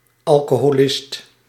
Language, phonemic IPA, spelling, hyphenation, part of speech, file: Dutch, /ɑl.koː.ɦoːˈlɪst/, alcoholist, al‧co‧ho‧list, noun, Nl-alcoholist.ogg
- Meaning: alcoholic